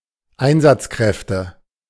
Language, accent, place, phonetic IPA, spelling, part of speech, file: German, Germany, Berlin, [ˈaɪ̯nzat͡sˌkʁɛftə], Einsatzkräfte, noun, De-Einsatzkräfte.ogg
- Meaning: nominative/accusative/genitive plural of Einsatzkraft